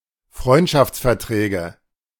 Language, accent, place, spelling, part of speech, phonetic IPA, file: German, Germany, Berlin, Freundschaftsverträge, noun, [ˈfʁɔɪ̯ntʃaft͡sfɛɐ̯ˌtʁɛːɡə], De-Freundschaftsverträge.ogg
- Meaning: nominative/accusative/genitive plural of Freundschaftsvertrag